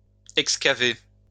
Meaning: to excavate
- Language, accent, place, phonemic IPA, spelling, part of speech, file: French, France, Lyon, /ɛk.ska.ve/, excaver, verb, LL-Q150 (fra)-excaver.wav